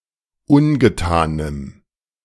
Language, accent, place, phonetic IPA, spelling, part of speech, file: German, Germany, Berlin, [ˈʊnɡəˌtaːnəm], ungetanem, adjective, De-ungetanem.ogg
- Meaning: strong dative masculine/neuter singular of ungetan